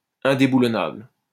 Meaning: ever-present, unbudgeable, unoustable, ununseatable (unremovable from a position, especially from a position of power)
- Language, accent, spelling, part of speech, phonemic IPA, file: French, France, indéboulonnable, adjective, /ɛ̃.de.bu.lɔ.nabl/, LL-Q150 (fra)-indéboulonnable.wav